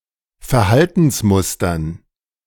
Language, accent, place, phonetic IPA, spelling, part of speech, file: German, Germany, Berlin, [fɛɐ̯ˈhaltn̩sˌmʊstɐn], Verhaltensmustern, noun, De-Verhaltensmustern.ogg
- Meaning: dative plural of Verhaltensmuster